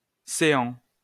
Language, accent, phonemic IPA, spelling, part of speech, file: French, France, /se.ɑ̃/, céans, adverb, LL-Q150 (fra)-céans.wav
- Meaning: (in) here